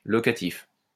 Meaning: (adjective) 1. locative 2. rental; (noun) locative, locative case
- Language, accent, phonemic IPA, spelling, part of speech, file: French, France, /lɔ.ka.tif/, locatif, adjective / noun, LL-Q150 (fra)-locatif.wav